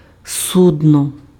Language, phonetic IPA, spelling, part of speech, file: Ukrainian, [sʊdˈnɔ], судно, noun, Uk-судно.ogg
- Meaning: ship